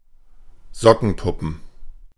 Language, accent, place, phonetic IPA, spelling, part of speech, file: German, Germany, Berlin, [ˈzɔkn̩ˌpʊpn̩], Sockenpuppen, noun, De-Sockenpuppen.ogg
- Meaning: plural of Sockenpuppe